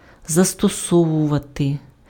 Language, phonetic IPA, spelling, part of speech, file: Ukrainian, [zɐstɔˈsɔwʊʋɐte], застосовувати, verb, Uk-застосовувати.ogg
- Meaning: to apply, to employ, to use (put to use for a particular purpose)